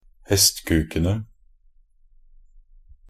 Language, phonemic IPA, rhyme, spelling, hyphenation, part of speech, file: Norwegian Bokmål, /hɛstkʉːkənə/, -ənə, hestkukene, hest‧kuk‧en‧e, noun, Nb-hestkukene.ogg
- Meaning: definite plural of hestkuk